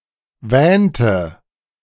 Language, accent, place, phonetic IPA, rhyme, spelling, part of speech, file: German, Germany, Berlin, [ˈvɛːntə], -ɛːntə, wähnte, verb, De-wähnte.ogg
- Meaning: inflection of wähnen: 1. first/third-person singular preterite 2. first/third-person singular subjunctive II